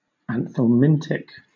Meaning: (adjective) Destructive to parasitic worms; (noun) A drug for the treatment of worm infestation, either by killing the worms or by causing them to be expelled from the body
- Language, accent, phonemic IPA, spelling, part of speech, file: English, Southern England, /ænθɛlˈmɪntɪk/, anthelmintic, adjective / noun, LL-Q1860 (eng)-anthelmintic.wav